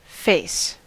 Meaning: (noun) 1. The front part of the head of a human or other animal, featuring the eyes, nose, and mouth, and the surrounding area 2. One's facial expression
- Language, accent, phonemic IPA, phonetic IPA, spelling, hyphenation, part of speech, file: English, US, /ˈfeɪ̯s/, [ˈfɛ̝ɪ̯s], face, face, noun / verb / adverb, En-us-face.ogg